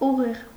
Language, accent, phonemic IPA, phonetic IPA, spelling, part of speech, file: Armenian, Eastern Armenian, /uˈʁiʁ/, [uʁíʁ], ուղիղ, adjective / noun / adverb, Hy-ուղիղ.ogg
- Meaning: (adjective) 1. straight, direct 2. live; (noun) straight line; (adverb) straight, directly